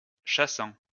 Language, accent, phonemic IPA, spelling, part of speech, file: French, France, /ʃa.sɑ̃/, chassant, verb, LL-Q150 (fra)-chassant.wav
- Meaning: present participle of chasser